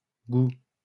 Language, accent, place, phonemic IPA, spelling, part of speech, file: French, France, Lyon, /ɡu/, gout, noun, LL-Q150 (fra)-gout.wav
- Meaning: post-1990 spelling of goût